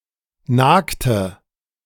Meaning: inflection of nagen: 1. first/third-person singular preterite 2. first/third-person singular subjunctive II
- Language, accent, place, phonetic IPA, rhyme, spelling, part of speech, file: German, Germany, Berlin, [ˈnaːktə], -aːktə, nagte, verb, De-nagte.ogg